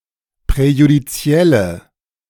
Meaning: inflection of präjudiziell: 1. strong/mixed nominative/accusative feminine singular 2. strong nominative/accusative plural 3. weak nominative all-gender singular
- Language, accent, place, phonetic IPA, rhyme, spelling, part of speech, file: German, Germany, Berlin, [pʁɛjudiˈt͡si̯ɛlə], -ɛlə, präjudizielle, adjective, De-präjudizielle.ogg